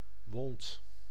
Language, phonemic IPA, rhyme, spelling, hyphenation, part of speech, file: Dutch, /ʋɔnt/, -ɔnt, wond, wond, noun / verb, Nl-wond.ogg
- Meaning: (noun) wound; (verb) 1. singular past indicative of winden 2. inflection of wonden: first-person singular present indicative 3. inflection of wonden: second-person singular present indicative